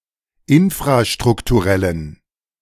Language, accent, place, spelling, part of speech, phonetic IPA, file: German, Germany, Berlin, infrastrukturellen, adjective, [ˈɪnfʁaʃtʁʊktuˌʁɛlən], De-infrastrukturellen.ogg
- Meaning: inflection of infrastrukturell: 1. strong genitive masculine/neuter singular 2. weak/mixed genitive/dative all-gender singular 3. strong/weak/mixed accusative masculine singular